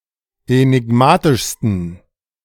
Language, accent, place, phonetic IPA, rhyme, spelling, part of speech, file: German, Germany, Berlin, [enɪˈɡmaːtɪʃstn̩], -aːtɪʃstn̩, enigmatischsten, adjective, De-enigmatischsten.ogg
- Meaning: 1. superlative degree of enigmatisch 2. inflection of enigmatisch: strong genitive masculine/neuter singular superlative degree